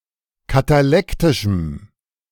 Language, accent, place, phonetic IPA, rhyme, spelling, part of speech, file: German, Germany, Berlin, [kataˈlɛktɪʃm̩], -ɛktɪʃm̩, katalektischem, adjective, De-katalektischem.ogg
- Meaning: strong dative masculine/neuter singular of katalektisch